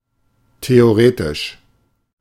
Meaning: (adjective) theoretical; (adverb) theoretically
- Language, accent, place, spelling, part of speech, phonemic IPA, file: German, Germany, Berlin, theoretisch, adjective / adverb, /teoˈʁeːtɪʃ/, De-theoretisch.ogg